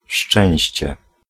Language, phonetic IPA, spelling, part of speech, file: Polish, [ˈʃt͡ʃɛ̃w̃ɕt͡ɕɛ], szczęście, noun, Pl-szczęście.ogg